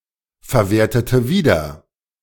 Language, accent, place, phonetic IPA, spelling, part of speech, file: German, Germany, Berlin, [fɛɐ̯ˌveːɐ̯tətə ˈviːdɐ], verwertete wieder, verb, De-verwertete wieder.ogg
- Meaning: inflection of wiederverwerten: 1. first/third-person singular preterite 2. first/third-person singular subjunctive II